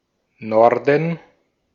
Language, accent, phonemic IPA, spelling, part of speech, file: German, Austria, /ˈnɔrdən/, Norden, noun / proper noun, De-at-Norden.ogg
- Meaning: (noun) 1. north (direction) 2. north (region); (proper noun) 1. a town in Lower Saxony, Germany 2. a surname